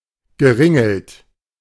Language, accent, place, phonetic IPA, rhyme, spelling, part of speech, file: German, Germany, Berlin, [ɡəˈʁɪŋl̩t], -ɪŋl̩t, geringelt, verb, De-geringelt.ogg
- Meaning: past participle of ringeln